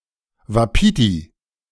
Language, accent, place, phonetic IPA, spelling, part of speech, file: German, Germany, Berlin, [vaˈpiːti], Wapiti, noun, De-Wapiti.ogg
- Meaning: wapiti (elk, species of deer)